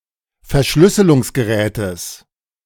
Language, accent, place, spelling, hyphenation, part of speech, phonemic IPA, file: German, Germany, Berlin, Verschlüsselungsgerätes, Ver‧schlüs‧se‧lungs‧ge‧rä‧tes, noun, /fɛɐ̯ˈʃlʏsəlʊŋsɡəˌʁɛːtəs/, De-Verschlüsselungsgerätes.ogg
- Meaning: genitive singular of Verschlüsselungsgerät